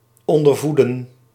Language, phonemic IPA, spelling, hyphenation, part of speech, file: Dutch, /ˌɔn.dərˈvu.də(n)/, ondervoeden, on‧der‧voe‧den, verb, Nl-ondervoeden.ogg
- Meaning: to underfeed